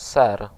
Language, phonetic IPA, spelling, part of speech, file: Polish, [sɛr], ser, noun, Pl-ser.ogg